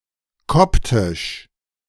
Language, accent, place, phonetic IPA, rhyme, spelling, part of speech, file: German, Germany, Berlin, [ˈkɔptɪʃ], -ɔptɪʃ, koptisch, adjective, De-koptisch.ogg
- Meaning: Coptic (related to the Coptic language or to the Copts)